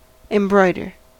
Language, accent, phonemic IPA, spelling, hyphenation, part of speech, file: English, US, /ɪmˈbɹɔɪdɚ/, embroider, em‧broi‧der, verb, En-us-embroider.ogg
- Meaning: 1. To stitch a decorative design on fabric with needle and thread of various colours 2. To add imaginary detail to a narrative to make it more interesting or acceptable